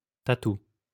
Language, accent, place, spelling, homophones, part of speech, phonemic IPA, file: French, France, Lyon, tatou, tatous, noun, /ta.tu/, LL-Q150 (fra)-tatou.wav
- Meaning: armadillo